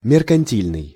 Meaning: 1. mercantile (relating to mercantilism) 2. petty, self-serving
- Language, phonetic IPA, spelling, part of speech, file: Russian, [mʲɪrkɐnʲˈtʲilʲnɨj], меркантильный, adjective, Ru-меркантильный.ogg